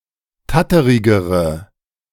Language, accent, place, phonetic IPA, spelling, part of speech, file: German, Germany, Berlin, [ˈtatəʁɪɡəʁə], tatterigere, adjective, De-tatterigere.ogg
- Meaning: inflection of tatterig: 1. strong/mixed nominative/accusative feminine singular comparative degree 2. strong nominative/accusative plural comparative degree